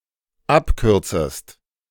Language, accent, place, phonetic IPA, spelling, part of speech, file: German, Germany, Berlin, [ˈapˌkʏʁt͡səst], abkürzest, verb, De-abkürzest.ogg
- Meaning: second-person singular dependent subjunctive I of abkürzen